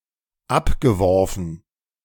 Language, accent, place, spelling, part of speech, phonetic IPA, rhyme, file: German, Germany, Berlin, abgeworfen, verb, [ˈapɡəˌvɔʁfn̩], -apɡəvɔʁfn̩, De-abgeworfen.ogg
- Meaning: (verb) past participle of abwerfen; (adjective) 1. dropped 2. thrown (from a horse)